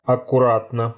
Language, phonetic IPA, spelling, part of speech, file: Russian, [ɐkʊˈratnə], аккуратно, adverb / adjective, Ru-аккуратно.ogg
- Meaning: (adverb) 1. neatly, smartly 2. carefully, cautiously, prudently; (adjective) short neuter singular of аккура́тный (akkurátnyj)